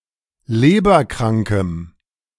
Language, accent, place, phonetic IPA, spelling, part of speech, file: German, Germany, Berlin, [ˈleːbɐˌkʁaŋkəm], leberkrankem, adjective, De-leberkrankem.ogg
- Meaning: strong dative masculine/neuter singular of leberkrank